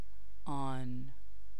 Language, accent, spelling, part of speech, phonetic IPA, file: Persian, Iran, آن, determiner / pronoun / noun, [ʔɒːn], Fa-آن.ogg
- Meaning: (determiner) that; the; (pronoun) 1. that 2. he, she, it; colloquially pronounced اون (un) in Iran 3. Used with که to nominalize a clause 4. Used within a relative clause as a resumptive pronoun